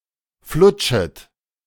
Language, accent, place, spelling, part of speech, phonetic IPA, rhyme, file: German, Germany, Berlin, flutschet, verb, [ˈflʊt͡ʃət], -ʊt͡ʃət, De-flutschet.ogg
- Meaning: second-person plural subjunctive I of flutschen